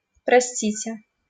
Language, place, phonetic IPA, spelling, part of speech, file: Russian, Saint Petersburg, [prɐˈsʲtʲitʲe], простите, verb, LL-Q7737 (rus)-простите.wav
- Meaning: inflection of прости́ть (prostítʹ): 1. second-person plural future indicative perfective 2. second-person plural imperative perfective